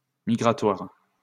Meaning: migration, migrant, migratory
- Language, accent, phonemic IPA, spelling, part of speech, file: French, France, /mi.ɡʁa.twaʁ/, migratoire, adjective, LL-Q150 (fra)-migratoire.wav